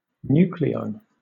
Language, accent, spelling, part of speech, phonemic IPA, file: English, Southern England, nucleon, noun, /ˈn(j)uːkliɒn/, LL-Q1860 (eng)-nucleon.wav
- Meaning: A proton (uud) or a neutron (udd)